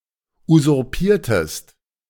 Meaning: inflection of usurpieren: 1. second-person singular preterite 2. second-person singular subjunctive II
- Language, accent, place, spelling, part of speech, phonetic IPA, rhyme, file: German, Germany, Berlin, usurpiertest, verb, [uzʊʁˈpiːɐ̯təst], -iːɐ̯təst, De-usurpiertest.ogg